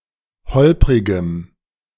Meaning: strong dative masculine/neuter singular of holprig
- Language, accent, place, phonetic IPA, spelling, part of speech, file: German, Germany, Berlin, [ˈhɔlpʁɪɡəm], holprigem, adjective, De-holprigem.ogg